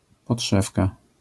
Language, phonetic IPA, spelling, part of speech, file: Polish, [pɔṭˈʃɛfka], podszewka, noun, LL-Q809 (pol)-podszewka.wav